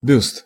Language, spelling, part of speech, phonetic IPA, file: Russian, бюст, noun, [bʲust], Ru-бюст.ogg
- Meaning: 1. bust (sculptural portrayal of a person's head and shoulders) 2. bust, bosom